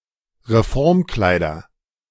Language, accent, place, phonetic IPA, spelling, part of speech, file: German, Germany, Berlin, [ʁeˈfɔʁmˌklaɪ̯dɐ], Reformkleider, noun, De-Reformkleider.ogg
- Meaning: nominative/accusative/genitive plural of Reformkleid